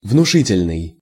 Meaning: 1. impressive 2. imposing
- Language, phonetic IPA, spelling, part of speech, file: Russian, [vnʊˈʂɨtʲɪlʲnɨj], внушительный, adjective, Ru-внушительный.ogg